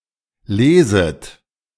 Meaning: second-person plural subjunctive I of lesen
- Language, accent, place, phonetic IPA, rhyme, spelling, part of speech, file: German, Germany, Berlin, [ˈleːzət], -eːzət, leset, verb, De-leset.ogg